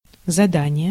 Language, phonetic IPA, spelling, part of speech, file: Russian, [zɐˈdanʲɪje], задание, noun, Ru-задание.ogg
- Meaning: 1. assignment, task 2. setting (of parameters, etc., as a process) 3. task, mission, assignment